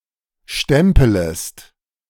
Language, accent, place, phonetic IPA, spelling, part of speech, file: German, Germany, Berlin, [ˈʃtɛmpələst], stempelest, verb, De-stempelest.ogg
- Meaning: second-person singular subjunctive I of stempeln